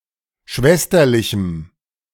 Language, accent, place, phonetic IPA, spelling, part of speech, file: German, Germany, Berlin, [ˈʃvɛstɐlɪçm̩], schwesterlichem, adjective, De-schwesterlichem.ogg
- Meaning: strong dative masculine/neuter singular of schwesterlich